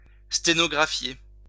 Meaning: to transcribe (dictation) into shorthand
- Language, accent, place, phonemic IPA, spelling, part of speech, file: French, France, Lyon, /ste.nɔ.ɡʁa.fje/, sténographier, verb, LL-Q150 (fra)-sténographier.wav